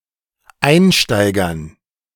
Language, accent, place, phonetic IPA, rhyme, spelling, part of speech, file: German, Germany, Berlin, [ˈaɪ̯nˌʃtaɪ̯ɡɐn], -aɪ̯nʃtaɪ̯ɡɐn, Einsteigern, noun, De-Einsteigern.ogg
- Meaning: dative plural of Einsteiger